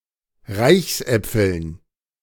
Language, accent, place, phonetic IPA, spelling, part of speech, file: German, Germany, Berlin, [ˈʁaɪ̯çsˌʔɛp͡fl̩n], Reichsäpfeln, noun, De-Reichsäpfeln.ogg
- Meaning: dative plural of Reichsapfel